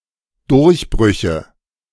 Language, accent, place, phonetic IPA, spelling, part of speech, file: German, Germany, Berlin, [ˈdʊʁçˌbʁʏçə], Durchbrüche, noun, De-Durchbrüche.ogg
- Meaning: nominative/accusative/genitive plural of Durchbruch